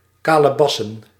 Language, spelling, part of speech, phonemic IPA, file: Dutch, kalebassen, noun, /ˈkaləˌbɑsə(n)/, Nl-kalebassen.ogg
- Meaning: plural of kalebas